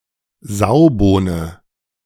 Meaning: broad bean
- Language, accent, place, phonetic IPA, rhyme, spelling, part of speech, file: German, Germany, Berlin, [ˈzaʊ̯boːnə], -aʊ̯boːnə, Saubohne, noun, De-Saubohne.ogg